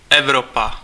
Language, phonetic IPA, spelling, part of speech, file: Czech, [ˈɛvropa], Evropa, proper noun, Cs-Evropa.ogg
- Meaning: 1. Europe (a continent located west of Asia and north of Africa) 2. European Union